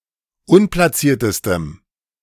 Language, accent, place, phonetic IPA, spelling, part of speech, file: German, Germany, Berlin, [ˈʊnplaˌt͡siːɐ̯təstəm], unplatziertestem, adjective, De-unplatziertestem.ogg
- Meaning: strong dative masculine/neuter singular superlative degree of unplatziert